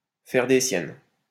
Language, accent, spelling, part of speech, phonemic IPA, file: French, France, faire des siennes, verb, /fɛʁ de sjɛn/, LL-Q150 (fra)-faire des siennes.wav
- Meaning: to disobey, to get up to mischief, to mess about, to act up, to be up to one's usual tricks, to be up to no good